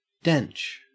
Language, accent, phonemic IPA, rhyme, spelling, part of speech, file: English, Australia, /dɛnt͡ʃ/, -ɛntʃ, dench, adjective, En-au-dench.ogg
- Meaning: 1. Excellent; impressive; awesome 2. Well-built, muscular, attractive